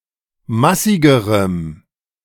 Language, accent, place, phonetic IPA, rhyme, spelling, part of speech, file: German, Germany, Berlin, [ˈmasɪɡəʁəm], -asɪɡəʁəm, massigerem, adjective, De-massigerem.ogg
- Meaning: strong dative masculine/neuter singular comparative degree of massig